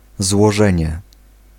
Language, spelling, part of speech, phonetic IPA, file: Polish, złożenie, noun, [zwɔˈʒɛ̃ɲɛ], Pl-złożenie.ogg